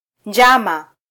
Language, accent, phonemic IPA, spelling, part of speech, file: Swahili, Kenya, /ˈⁿdʒɑ.mɑ/, njama, noun, Sw-ke-njama.flac
- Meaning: 1. conspiracy 2. plot (secret plan to achieve an end)